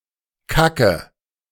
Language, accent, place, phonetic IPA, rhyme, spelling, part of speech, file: German, Germany, Berlin, [ˈkakə], -akə, kacke, verb, De-kacke.ogg
- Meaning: inflection of kacken: 1. first-person singular present 2. first/third-person singular subjunctive I 3. singular imperative